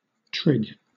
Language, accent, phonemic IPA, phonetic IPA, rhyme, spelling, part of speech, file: English, Southern England, /tɹɪɡ/, [t̠ʰɹ̠̊ɪɡ], -ɪɡ, trig, adjective / noun / verb, LL-Q1860 (eng)-trig.wav
- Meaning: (adjective) 1. True; trusty; trustworthy; faithful 2. Safe; secure 3. Tight; firm; steady; sound; in good condition or health 4. Neat; tidy; trim; spruce; smart 5. Active; clever